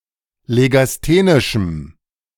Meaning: strong dative masculine/neuter singular of legasthenisch
- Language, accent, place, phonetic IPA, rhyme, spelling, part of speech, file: German, Germany, Berlin, [leɡasˈteːnɪʃm̩], -eːnɪʃm̩, legasthenischem, adjective, De-legasthenischem.ogg